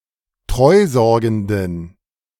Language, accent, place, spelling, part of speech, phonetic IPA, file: German, Germany, Berlin, treusorgenden, adjective, [ˈtʁɔɪ̯ˌzɔʁɡn̩dən], De-treusorgenden.ogg
- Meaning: inflection of treusorgend: 1. strong genitive masculine/neuter singular 2. weak/mixed genitive/dative all-gender singular 3. strong/weak/mixed accusative masculine singular 4. strong dative plural